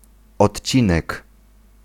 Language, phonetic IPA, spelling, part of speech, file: Polish, [ɔtʲˈt͡ɕĩnɛk], odcinek, noun, Pl-odcinek.ogg